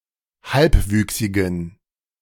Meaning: inflection of halbwüchsig: 1. strong genitive masculine/neuter singular 2. weak/mixed genitive/dative all-gender singular 3. strong/weak/mixed accusative masculine singular 4. strong dative plural
- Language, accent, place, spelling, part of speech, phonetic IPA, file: German, Germany, Berlin, halbwüchsigen, adjective, [ˈhalpˌvyːksɪɡn̩], De-halbwüchsigen.ogg